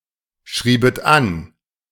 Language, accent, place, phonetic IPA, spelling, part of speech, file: German, Germany, Berlin, [ˌʃʁiːbət ˈan], schriebet an, verb, De-schriebet an.ogg
- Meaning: second-person plural subjunctive II of anschreiben